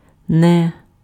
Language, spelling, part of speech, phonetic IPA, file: Ukrainian, не, adverb, [nɛ], Uk-не.ogg
- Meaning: not (used to negate verbs)